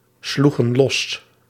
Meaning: inflection of losslaan: 1. plural past indicative 2. plural past subjunctive
- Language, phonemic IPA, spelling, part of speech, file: Dutch, /ˈsluɣə(n) ˈlɔs/, sloegen los, verb, Nl-sloegen los.ogg